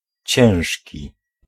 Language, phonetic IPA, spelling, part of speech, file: Polish, [ˈt͡ɕɛ̃w̃ʃʲci], ciężki, adjective, Pl-ciężki.ogg